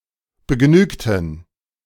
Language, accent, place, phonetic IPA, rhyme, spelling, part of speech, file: German, Germany, Berlin, [bəˈɡnyːktn̩], -yːktn̩, begnügten, adjective / verb, De-begnügten.ogg
- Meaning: inflection of begnügen: 1. first/third-person plural preterite 2. first/third-person plural subjunctive II